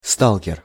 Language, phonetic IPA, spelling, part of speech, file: Russian, [ˈstaɫkʲɪr], сталкер, noun, Ru-сталкер.ogg
- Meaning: 1. stalker (person who secretly follows someone else) 2. stalker (a person who stalks game) (see usage notes)